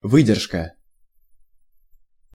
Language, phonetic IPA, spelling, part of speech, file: Russian, [ˈvɨdʲɪrʂkə], выдержка, noun, Ru-выдержка.ogg
- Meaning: 1. self-control, self-mastery, self-restraint; tenacity; endurance 2. extract, excerpt, quotation 3. exposure